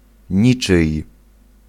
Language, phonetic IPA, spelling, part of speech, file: Polish, [ˈɲit͡ʃɨj], niczyj, pronoun, Pl-niczyj.ogg